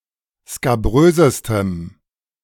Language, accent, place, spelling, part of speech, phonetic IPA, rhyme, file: German, Germany, Berlin, skabrösestem, adjective, [skaˈbʁøːzəstəm], -øːzəstəm, De-skabrösestem.ogg
- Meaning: strong dative masculine/neuter singular superlative degree of skabrös